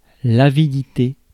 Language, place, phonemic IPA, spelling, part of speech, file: French, Paris, /a.vi.di.te/, avidité, noun, Fr-avidité.ogg
- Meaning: avidity, greediness, covetousness